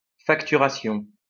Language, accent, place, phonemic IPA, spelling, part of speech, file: French, France, Lyon, /fak.ty.ʁa.sjɔ̃/, facturation, noun, LL-Q150 (fra)-facturation.wav
- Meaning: invoicing, billing